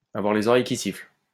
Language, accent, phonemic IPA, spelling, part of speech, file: French, France, /a.vwaʁ le.z‿ɔ.ʁɛj ki sifl/, avoir les oreilles qui sifflent, verb, LL-Q150 (fra)-avoir les oreilles qui sifflent.wav
- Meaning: to have ears that are burning